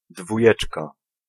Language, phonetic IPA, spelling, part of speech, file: Polish, [dvuˈjɛt͡ʃka], dwójeczka, noun, Pl-dwójeczka.ogg